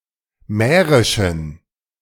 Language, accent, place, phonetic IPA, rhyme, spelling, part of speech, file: German, Germany, Berlin, [ˈmɛːʁɪʃn̩], -ɛːʁɪʃn̩, mährischen, adjective, De-mährischen.ogg
- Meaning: inflection of mährisch: 1. strong genitive masculine/neuter singular 2. weak/mixed genitive/dative all-gender singular 3. strong/weak/mixed accusative masculine singular 4. strong dative plural